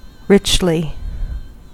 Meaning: In a luxurious manner; full of majesty or expression: 1. In an attractive or manner; full of colour or detail 2. In a manner that occupies the non-visual senses; flavourfully, deeply
- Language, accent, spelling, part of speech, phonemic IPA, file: English, US, richly, adverb, /ˈɹɪt͡ʃli/, En-us-richly.ogg